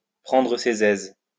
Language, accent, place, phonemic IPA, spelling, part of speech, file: French, France, Lyon, /pʁɑ̃.dʁə se.z‿ɛz/, prendre ses aises, verb, LL-Q150 (fra)-prendre ses aises.wav
- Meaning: to make oneself comfortable, to make oneself at home; to get a bit too familiar